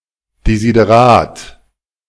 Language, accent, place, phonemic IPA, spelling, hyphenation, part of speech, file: German, Germany, Berlin, /dezideˈʁaːt/, Desiderat, De‧si‧de‧rat, noun, De-Desiderat.ogg
- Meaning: desideratum